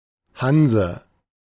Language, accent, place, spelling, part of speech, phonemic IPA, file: German, Germany, Berlin, Hanse, noun, /ˈhanzə/, De-Hanse.ogg
- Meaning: a guild; a kind of commercial, and sometimes military, confederation of cities in the later Middle Ages; in particular the Hanseatic League of northern Germany